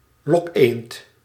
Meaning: a decoy duck
- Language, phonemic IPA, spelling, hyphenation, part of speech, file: Dutch, /ˈlɔk.eːnt/, lokeend, lok‧eend, noun, Nl-lokeend.ogg